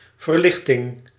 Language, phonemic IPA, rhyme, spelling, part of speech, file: Dutch, /vərˈlɪx.tɪŋ/, -ɪxtɪŋ, verlichting, noun / proper noun, Nl-verlichting.ogg
- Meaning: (noun) 1. lighting, illumination 2. alleviation, solace; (proper noun) the Enlightenment